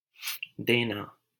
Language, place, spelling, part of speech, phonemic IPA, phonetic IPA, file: Hindi, Delhi, देना, verb, /d̪eː.nɑː/, [d̪eː.näː], LL-Q1568 (hin)-देना.wav
- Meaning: 1. to give, grant, award 2. to lay (eggs), give birth to 3. to orate, deliver 4. to pay 5. to allow, let 6. auxiliary verb: to finally do; finish doing